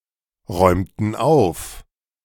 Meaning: inflection of aufräumen: 1. first/third-person plural preterite 2. first/third-person plural subjunctive II
- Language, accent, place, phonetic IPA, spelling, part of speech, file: German, Germany, Berlin, [ˌʁɔɪ̯mtn̩ ˈaʊ̯f], räumten auf, verb, De-räumten auf.ogg